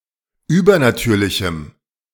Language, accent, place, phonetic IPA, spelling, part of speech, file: German, Germany, Berlin, [ˈyːbɐnaˌtyːɐ̯lɪçm̩], übernatürlichem, adjective, De-übernatürlichem.ogg
- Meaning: strong dative masculine/neuter singular of übernatürlich